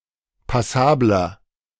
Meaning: 1. comparative degree of passabel 2. inflection of passabel: strong/mixed nominative masculine singular 3. inflection of passabel: strong genitive/dative feminine singular
- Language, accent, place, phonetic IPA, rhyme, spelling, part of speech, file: German, Germany, Berlin, [paˈsaːblɐ], -aːblɐ, passabler, adjective, De-passabler.ogg